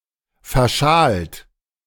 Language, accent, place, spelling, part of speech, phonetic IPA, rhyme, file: German, Germany, Berlin, verschalt, verb, [fɛɐ̯ˈʃaːlt], -aːlt, De-verschalt.ogg
- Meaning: 1. past participle of verschalen 2. inflection of verschalen: second-person plural present 3. inflection of verschalen: third-person singular present 4. inflection of verschalen: plural imperative